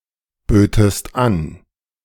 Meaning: second-person singular subjunctive II of anbieten
- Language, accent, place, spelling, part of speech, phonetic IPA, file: German, Germany, Berlin, bötest an, verb, [ˌbøːtəst ˈan], De-bötest an.ogg